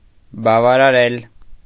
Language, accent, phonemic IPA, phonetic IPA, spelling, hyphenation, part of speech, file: Armenian, Eastern Armenian, /bɑvɑɾɑˈɾel/, [bɑvɑɾɑɾél], բավարարել, բա‧վա‧րա‧րել, verb, Hy-բավարարել .ogg
- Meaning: 1. to satisfy, to meet needs, to fulfill 2. to suffice, to last enough